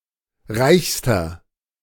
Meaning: inflection of reich: 1. strong/mixed nominative masculine singular superlative degree 2. strong genitive/dative feminine singular superlative degree 3. strong genitive plural superlative degree
- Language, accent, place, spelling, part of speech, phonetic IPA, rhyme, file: German, Germany, Berlin, reichster, adjective, [ˈʁaɪ̯çstɐ], -aɪ̯çstɐ, De-reichster.ogg